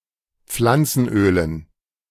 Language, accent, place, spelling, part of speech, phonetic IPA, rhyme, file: German, Germany, Berlin, Pflanzenölen, noun, [ˈp͡flant͡sn̩ˌʔøːlən], -ant͡sn̩ʔøːlən, De-Pflanzenölen.ogg
- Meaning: dative plural of Pflanzenöl